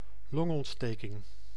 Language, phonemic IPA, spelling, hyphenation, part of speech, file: Dutch, /ˈlɔŋ.ɔn(t)ˌsteː.kɪŋ/, longontsteking, long‧ont‧ste‧king, noun, Nl-longontsteking.ogg
- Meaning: pneumonia (acute or chronic inflammation of the lungs)